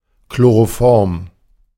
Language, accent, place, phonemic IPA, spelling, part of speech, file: German, Germany, Berlin, /ˈkloʁoˈfɔʁm/, Chloroform, noun, De-Chloroform.ogg
- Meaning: chloroform